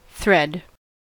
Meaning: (noun) A cord formed by spinning or twisting together textile fibers or filaments into one or more continuous strands, typically used in needlework
- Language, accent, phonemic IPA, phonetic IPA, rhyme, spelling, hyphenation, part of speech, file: English, US, /ˈθɹɛd/, [ˈθɹʷɛd], -ɛd, thread, thread, noun / verb, En-us-thread.ogg